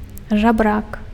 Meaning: beggar
- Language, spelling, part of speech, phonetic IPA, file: Belarusian, жабрак, noun, [ʐaˈbrak], Be-жабрак.ogg